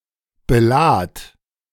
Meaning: singular imperative of beladen
- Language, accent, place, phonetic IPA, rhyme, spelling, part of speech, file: German, Germany, Berlin, [bəˈlaːt], -aːt, belad, verb, De-belad.ogg